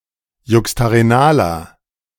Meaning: inflection of juxtarenal: 1. strong/mixed nominative masculine singular 2. strong genitive/dative feminine singular 3. strong genitive plural
- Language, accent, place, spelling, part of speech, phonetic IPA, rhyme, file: German, Germany, Berlin, juxtarenaler, adjective, [ˌjʊkstaʁeˈnaːlɐ], -aːlɐ, De-juxtarenaler.ogg